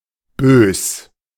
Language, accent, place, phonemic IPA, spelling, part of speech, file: German, Germany, Berlin, /bøːs/, bös, adjective / adverb, De-bös.ogg
- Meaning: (adjective) alternative form of böse